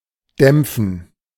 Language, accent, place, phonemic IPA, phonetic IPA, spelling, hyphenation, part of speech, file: German, Germany, Berlin, /ˈdɛmpfən/, [ˈdɛmpfn̩], dämpfen, dämp‧fen, verb, De-dämpfen.ogg
- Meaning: 1. to steam, treat with steam 2. to damp (to attenuate or deaden, as vibrations)